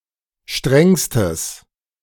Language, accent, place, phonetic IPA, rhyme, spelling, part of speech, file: German, Germany, Berlin, [ˈʃtʁɛŋstəs], -ɛŋstəs, strengstes, adjective, De-strengstes.ogg
- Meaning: strong/mixed nominative/accusative neuter singular superlative degree of streng